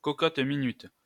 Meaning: pressure cooker (cooking vessel)
- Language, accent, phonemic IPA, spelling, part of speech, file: French, France, /kɔ.kɔt.mi.nyt/, cocotte-minute, noun, LL-Q150 (fra)-cocotte-minute.wav